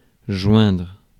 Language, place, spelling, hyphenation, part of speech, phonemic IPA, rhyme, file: French, Paris, joindre, joindre, verb, /ʒwɛ̃dʁ/, -wɛ̃dʁ, Fr-joindre.ogg
- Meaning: 1. to join 2. to join up 3. to reach, to contact